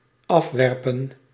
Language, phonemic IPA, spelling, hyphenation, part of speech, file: Dutch, /ˈɑfʋɛrpə(n)/, afwerpen, af‧wer‧pen, verb, Nl-afwerpen.ogg
- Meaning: 1. to throw off, to cast off 2. to produce, yield